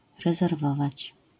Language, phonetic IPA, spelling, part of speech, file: Polish, [ˌrɛzɛrˈvɔvat͡ɕ], rezerwować, verb, LL-Q809 (pol)-rezerwować.wav